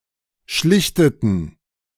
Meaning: inflection of schlichten: 1. first/third-person plural preterite 2. first/third-person plural subjunctive II
- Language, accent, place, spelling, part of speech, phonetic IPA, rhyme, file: German, Germany, Berlin, schlichteten, verb, [ˈʃlɪçtətn̩], -ɪçtətn̩, De-schlichteten.ogg